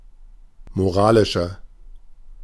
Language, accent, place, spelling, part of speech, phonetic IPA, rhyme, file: German, Germany, Berlin, moralischer, adjective, [moˈʁaːlɪʃɐ], -aːlɪʃɐ, De-moralischer.ogg
- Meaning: 1. comparative degree of moralisch 2. inflection of moralisch: strong/mixed nominative masculine singular 3. inflection of moralisch: strong genitive/dative feminine singular